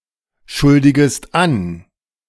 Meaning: second-person singular subjunctive I of anschuldigen
- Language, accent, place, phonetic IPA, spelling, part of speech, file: German, Germany, Berlin, [ˌʃʊldɪɡəst ˈan], schuldigest an, verb, De-schuldigest an.ogg